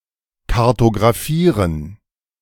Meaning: to map
- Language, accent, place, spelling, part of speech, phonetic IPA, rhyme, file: German, Germany, Berlin, kartografieren, verb, [kaʁtoɡʁaˈfiːʁən], -iːʁən, De-kartografieren.ogg